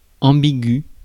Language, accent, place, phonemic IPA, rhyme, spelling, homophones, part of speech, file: French, France, Paris, /ɑ̃.bi.ɡy/, -y, ambigu, ambiguë / ambigüe / ambiguës / ambigües / ambigus, adjective / noun, Fr-ambigu.ogg
- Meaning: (adjective) ambiguous (open to multiple interpretations); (noun) 1. ambiguation 2. a meal where all courses are served together; a buffet